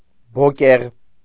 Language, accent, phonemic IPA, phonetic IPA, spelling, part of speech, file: Armenian, Eastern Armenian, /boˈkeʁ/, [bokéʁ], բոկեղ, noun, Hy-բոկեղ.ogg
- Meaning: simit (a kind of round bread)